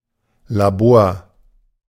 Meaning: laboratory
- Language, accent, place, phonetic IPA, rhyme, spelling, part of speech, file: German, Germany, Berlin, [laˈboːɐ̯], -oːɐ̯, Labor, noun, De-Labor.ogg